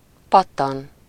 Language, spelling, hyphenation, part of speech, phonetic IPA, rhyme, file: Hungarian, pattan, pat‧tan, verb, [ˈpɒtːɒn], -ɒn, Hu-pattan.ogg
- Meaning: 1. to crack 2. to spring, jump (to move somewhere quickly) 3. to spring forth (to come into existence from somewhere, usually someone's mind: -ból/-ből)